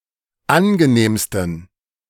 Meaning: 1. superlative degree of angenehm 2. inflection of angenehm: strong genitive masculine/neuter singular superlative degree
- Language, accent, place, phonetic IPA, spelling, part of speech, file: German, Germany, Berlin, [ˈanɡəˌneːmstn̩], angenehmsten, adjective, De-angenehmsten.ogg